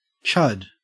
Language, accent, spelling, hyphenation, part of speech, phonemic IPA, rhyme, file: English, Australia, chud, chud, verb / noun, /t͡ʃʌd/, -ʌd, En-au-chud.ogg
- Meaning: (verb) To champ; to bite; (noun) 1. Chewing gum 2. A cannibalistic humanoid underground dweller 3. A gross, physically unappealing person 4. A person who holds reactionary political views